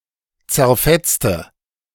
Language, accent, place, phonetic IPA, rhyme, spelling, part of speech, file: German, Germany, Berlin, [t͡sɛɐ̯ˈfɛt͡stə], -ɛt͡stə, zerfetzte, adjective / verb, De-zerfetzte.ogg
- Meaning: inflection of zerfetzen: 1. first/third-person singular preterite 2. first/third-person singular subjunctive II